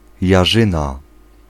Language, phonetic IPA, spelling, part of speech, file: Polish, [jaˈʒɨ̃na], jarzyna, noun, Pl-jarzyna.ogg